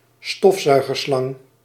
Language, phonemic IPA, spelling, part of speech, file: Dutch, /ˈstɔfˌsœy̯ɣərˌslɑŋ/, stofzuigerslang, noun, Nl-stofzuigerslang.ogg
- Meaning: vacuum cleaner hose